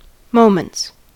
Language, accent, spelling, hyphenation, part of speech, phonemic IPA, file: English, US, moments, mo‧ments, noun / verb, /ˈmoʊmənts/, En-us-moments.ogg
- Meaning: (noun) plural of moment; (verb) third-person singular simple present indicative of moment